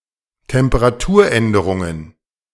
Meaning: plural of Temperaturänderung
- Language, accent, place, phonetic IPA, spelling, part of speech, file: German, Germany, Berlin, [tɛmpəʁaˈtuːɐ̯ˌʔɛndəʁʊŋən], Temperaturänderungen, noun, De-Temperaturänderungen.ogg